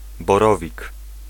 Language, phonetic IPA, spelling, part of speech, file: Polish, [bɔˈrɔvʲik], borowik, noun, Pl-borowik.ogg